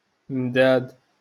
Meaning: ink
- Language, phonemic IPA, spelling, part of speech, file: Moroccan Arabic, /mdaːd/, مداد, noun, LL-Q56426 (ary)-مداد.wav